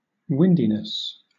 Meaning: The state of being windy; the state of there being wind
- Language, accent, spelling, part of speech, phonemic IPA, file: English, Southern England, windiness, noun, /ˈwɪndɪnəs/, LL-Q1860 (eng)-windiness.wav